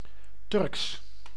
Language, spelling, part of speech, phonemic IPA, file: Dutch, Turks, proper noun / adjective, /tʏrks/, Nl-Turks.ogg
- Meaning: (adjective) 1. Turkish 2. Turkic; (proper noun) Turkish language